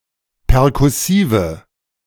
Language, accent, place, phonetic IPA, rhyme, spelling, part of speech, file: German, Germany, Berlin, [pɛʁkʊˈsiːvə], -iːvə, perkussive, adjective, De-perkussive.ogg
- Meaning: inflection of perkussiv: 1. strong/mixed nominative/accusative feminine singular 2. strong nominative/accusative plural 3. weak nominative all-gender singular